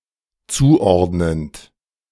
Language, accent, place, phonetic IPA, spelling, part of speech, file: German, Germany, Berlin, [ˈt͡suːˌʔɔʁdnənt], zuordnend, verb, De-zuordnend.ogg
- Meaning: present participle of zuordnen